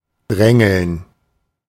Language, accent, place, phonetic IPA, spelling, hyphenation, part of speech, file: German, Germany, Berlin, [ˈdʁɛŋl̩n], drängeln, drän‧geln, verb, De-drängeln.ogg
- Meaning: 1. to push, jostle (as through crowd, in a queue) 2. to tailgate (drive dangerously close)